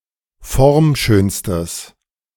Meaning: strong/mixed nominative/accusative neuter singular superlative degree of formschön
- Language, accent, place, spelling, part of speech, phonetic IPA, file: German, Germany, Berlin, formschönstes, adjective, [ˈfɔʁmˌʃøːnstəs], De-formschönstes.ogg